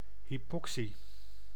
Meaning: hypoxia (condition in which tissues are deprived of oxygen)
- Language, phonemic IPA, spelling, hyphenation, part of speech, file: Dutch, /ɦipɔkˈsi/, hypoxie, hy‧po‧xie, noun, Nl-hypoxie.ogg